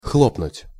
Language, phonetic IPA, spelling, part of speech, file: Russian, [ˈxɫopnʊtʲ], хлопнуть, verb, Ru-хлопнуть.ogg
- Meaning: 1. to flap, to clap 2. to slam (a door) 3. to down, to slam (an alcoholic drink)